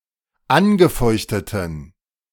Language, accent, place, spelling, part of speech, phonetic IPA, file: German, Germany, Berlin, angefeuchteten, adjective, [ˈanɡəˌfɔɪ̯çtətn̩], De-angefeuchteten.ogg
- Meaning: inflection of angefeuchtet: 1. strong genitive masculine/neuter singular 2. weak/mixed genitive/dative all-gender singular 3. strong/weak/mixed accusative masculine singular 4. strong dative plural